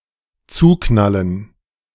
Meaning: to slam shut
- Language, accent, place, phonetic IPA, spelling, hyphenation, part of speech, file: German, Germany, Berlin, [ˈt͡suːˌknalən], zuknallen, zu‧knal‧len, verb, De-zuknallen.ogg